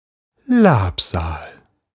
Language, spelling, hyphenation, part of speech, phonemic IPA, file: German, Labsal, Lab‧sal, noun, /ˈlaːpˌzaːl/, De-Labsal.ogg
- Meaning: refreshment